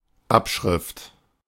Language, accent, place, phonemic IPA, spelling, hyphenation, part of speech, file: German, Germany, Berlin, /ˈapˌʃʁɪft/, Abschrift, Ab‧schrift, noun, De-Abschrift.ogg
- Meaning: transcript